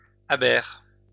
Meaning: a ria, especially one in Brittany
- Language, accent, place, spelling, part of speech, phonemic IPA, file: French, France, Lyon, aber, noun, /a.bɛʁ/, LL-Q150 (fra)-aber.wav